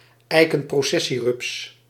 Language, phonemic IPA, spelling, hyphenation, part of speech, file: Dutch, /ˌɛi̯.kə(n).proːˈsɛ.siˌrʏps/, eikenprocessierups, ei‧ken‧pro‧ces‧sie‧rups, noun, Nl-eikenprocessierups.ogg
- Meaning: The caterpillar of the oak processionary moth (Thaumetopoea processionea)